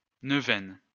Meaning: novena (recitation of prayers for nine days)
- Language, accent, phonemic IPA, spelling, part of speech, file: French, France, /nœ.vɛn/, neuvaine, noun, LL-Q150 (fra)-neuvaine.wav